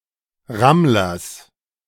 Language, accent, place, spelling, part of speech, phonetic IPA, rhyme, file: German, Germany, Berlin, Rammlers, noun, [ˈʁamlɐs], -amlɐs, De-Rammlers.ogg
- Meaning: genitive singular of Rammler